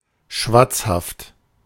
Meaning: talkative, garrulous, chatty
- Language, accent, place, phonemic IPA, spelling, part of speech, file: German, Germany, Berlin, /ˈʃvat͡shaft/, schwatzhaft, adjective, De-schwatzhaft.ogg